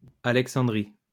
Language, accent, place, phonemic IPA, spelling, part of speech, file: French, France, Lyon, /a.lɛk.sɑ̃.dʁi/, Alexandrie, proper noun, LL-Q150 (fra)-Alexandrie.wav
- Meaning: 1. Alexandria (a city in Egypt) 2. Alexandria (a governorate of Egypt) 3. Alessandria (a city and province of Piedmont, Italy)